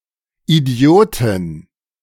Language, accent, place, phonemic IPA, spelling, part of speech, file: German, Germany, Berlin, /ʔiˈdi̯oːtin/, Idiotin, noun, De-Idiotin.ogg
- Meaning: (female) idiot